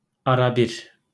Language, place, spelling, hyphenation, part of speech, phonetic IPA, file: Azerbaijani, Baku, arabir, a‧ra‧bir, adverb, [ɑɾɑˈbiɾ], LL-Q9292 (aze)-arabir.wav
- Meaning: now and then